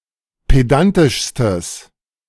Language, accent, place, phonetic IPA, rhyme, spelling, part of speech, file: German, Germany, Berlin, [ˌpeˈdantɪʃstəs], -antɪʃstəs, pedantischstes, adjective, De-pedantischstes.ogg
- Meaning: strong/mixed nominative/accusative neuter singular superlative degree of pedantisch